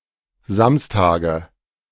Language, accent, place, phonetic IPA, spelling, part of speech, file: German, Germany, Berlin, [ˈzamstaːɡə], Samstage, noun, De-Samstage.ogg
- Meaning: nominative/accusative/genitive plural of Samstag